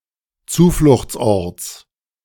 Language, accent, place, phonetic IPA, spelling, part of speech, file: German, Germany, Berlin, [ˈt͡suːflʊxt͡sˌʔɔʁt͡s], Zufluchtsorts, noun, De-Zufluchtsorts.ogg
- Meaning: genitive singular of Zufluchtsort